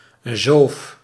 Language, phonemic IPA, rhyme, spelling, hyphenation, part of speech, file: Dutch, /zoːf/, -oːf, zoof, zoof, noun, Nl-zoof.ogg
- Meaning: guilder